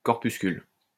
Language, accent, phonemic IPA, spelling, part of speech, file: French, France, /kɔʁ.pys.kyl/, corpuscule, noun, LL-Q150 (fra)-corpuscule.wav
- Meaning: 1. corpuscle 2. particle